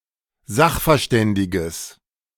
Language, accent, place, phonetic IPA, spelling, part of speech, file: German, Germany, Berlin, [ˈzaxfɛɐ̯ˌʃtɛndɪɡəs], sachverständiges, adjective, De-sachverständiges.ogg
- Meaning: strong/mixed nominative/accusative neuter singular of sachverständig